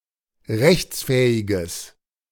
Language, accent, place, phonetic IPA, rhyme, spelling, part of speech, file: German, Germany, Berlin, [ˈʁɛçt͡sˌfɛːɪɡəs], -ɛçt͡sfɛːɪɡəs, rechtsfähiges, adjective, De-rechtsfähiges.ogg
- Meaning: strong/mixed nominative/accusative neuter singular of rechtsfähig